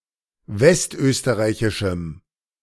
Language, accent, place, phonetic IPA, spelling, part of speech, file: German, Germany, Berlin, [ˈvɛstˌʔøːstəʁaɪ̯çɪʃm̩], westösterreichischem, adjective, De-westösterreichischem.ogg
- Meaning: strong dative masculine/neuter singular of westösterreichisch